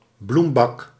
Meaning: flower tub (a usually concrete quadrilateral tub used to hold flowers for decorative purposes)
- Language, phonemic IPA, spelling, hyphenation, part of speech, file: Dutch, /ˈblum.bɑk/, bloembak, bloem‧bak, noun, Nl-bloembak.ogg